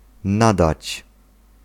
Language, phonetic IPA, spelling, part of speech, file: Polish, [ˈnadat͡ɕ], nadać, verb, Pl-nadać.ogg